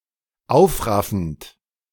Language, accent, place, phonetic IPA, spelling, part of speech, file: German, Germany, Berlin, [ˈaʊ̯fˌʁafn̩t], aufraffend, verb, De-aufraffend.ogg
- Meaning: present participle of aufraffen